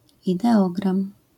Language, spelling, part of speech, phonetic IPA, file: Polish, ideogram, noun, [ˌidɛˈɔɡrãm], LL-Q809 (pol)-ideogram.wav